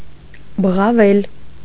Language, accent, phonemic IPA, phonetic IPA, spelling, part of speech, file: Armenian, Eastern Armenian, /bəʁɑˈvel/, [bəʁɑvél], բղավել, verb, Hy-բղավել.ogg
- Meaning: 1. to cry, to shout 2. to yell (at someone)